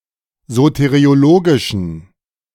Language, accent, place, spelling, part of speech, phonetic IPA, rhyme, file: German, Germany, Berlin, soteriologischen, adjective, [ˌzoteʁioˈloːɡɪʃn̩], -oːɡɪʃn̩, De-soteriologischen.ogg
- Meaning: inflection of soteriologisch: 1. strong genitive masculine/neuter singular 2. weak/mixed genitive/dative all-gender singular 3. strong/weak/mixed accusative masculine singular 4. strong dative plural